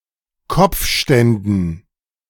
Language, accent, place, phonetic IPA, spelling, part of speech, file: German, Germany, Berlin, [ˈkɔp͡fˌʃtɛndn̩], Kopfständen, noun, De-Kopfständen.ogg
- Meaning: dative plural of Kopfstand